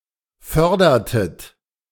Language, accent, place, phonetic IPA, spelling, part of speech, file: German, Germany, Berlin, [ˈfœʁdɐtət], fördertet, verb, De-fördertet.ogg
- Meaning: inflection of fördern: 1. second-person plural preterite 2. second-person plural subjunctive II